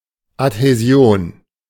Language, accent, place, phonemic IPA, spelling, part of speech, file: German, Germany, Berlin, /athɛˈzɪ̯oːn/, Adhäsion, noun, De-Adhäsion.ogg
- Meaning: adhesion